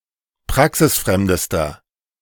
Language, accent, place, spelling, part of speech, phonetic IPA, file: German, Germany, Berlin, praxisfremdester, adjective, [ˈpʁaksɪsˌfʁɛmdəstɐ], De-praxisfremdester.ogg
- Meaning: inflection of praxisfremd: 1. strong/mixed nominative masculine singular superlative degree 2. strong genitive/dative feminine singular superlative degree 3. strong genitive plural superlative degree